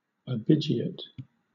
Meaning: Theft of cattle by driving it away with the intention of feloniously appropriating it
- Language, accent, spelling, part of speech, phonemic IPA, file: English, Southern England, abigeat, noun, /əˈbɪd͡ʒi.ət/, LL-Q1860 (eng)-abigeat.wav